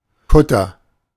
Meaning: cutter (sailing vessel)
- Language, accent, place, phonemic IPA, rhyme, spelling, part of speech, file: German, Germany, Berlin, /ˈkʊtɐ/, -ʊtɐ, Kutter, noun, De-Kutter.ogg